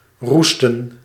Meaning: 1. to rust (to oxidise) 2. to roost
- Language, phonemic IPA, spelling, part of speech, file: Dutch, /ˈrustə(n)/, roesten, verb, Nl-roesten.ogg